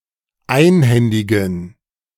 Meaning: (verb) to hand over; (adjective) inflection of einhändig: 1. strong genitive masculine/neuter singular 2. weak/mixed genitive/dative all-gender singular
- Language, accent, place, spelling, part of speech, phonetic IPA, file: German, Germany, Berlin, einhändigen, adjective, [ˈaɪ̯nˌhɛndɪɡn̩], De-einhändigen.ogg